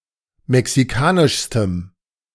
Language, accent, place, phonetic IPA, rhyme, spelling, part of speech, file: German, Germany, Berlin, [mɛksiˈkaːnɪʃstəm], -aːnɪʃstəm, mexikanischstem, adjective, De-mexikanischstem.ogg
- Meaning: strong dative masculine/neuter singular superlative degree of mexikanisch